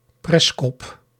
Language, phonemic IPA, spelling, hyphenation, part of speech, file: Dutch, /ˈprɛs.kɔp/, preskop, pres‧kop, noun, Nl-preskop.ogg
- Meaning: head cheese, brawn